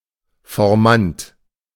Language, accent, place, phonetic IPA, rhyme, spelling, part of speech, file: German, Germany, Berlin, [fɔʁˈmant], -ant, Formant, noun, De-Formant.ogg
- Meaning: formant